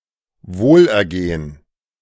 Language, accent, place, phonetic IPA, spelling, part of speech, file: German, Germany, Berlin, [ˈvoːlʔɛɐ̯ˌɡeːən], Wohlergehen, noun, De-Wohlergehen.ogg
- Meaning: well-being